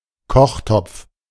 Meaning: cooking pot
- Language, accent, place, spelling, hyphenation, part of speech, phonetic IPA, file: German, Germany, Berlin, Kochtopf, Koch‧topf, noun, [ˈkɔχˌtɔpf], De-Kochtopf.ogg